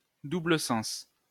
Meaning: 1. double meaning 2. two-way
- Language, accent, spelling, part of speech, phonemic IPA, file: French, France, double sens, noun, /du.blə sɑ̃s/, LL-Q150 (fra)-double sens.wav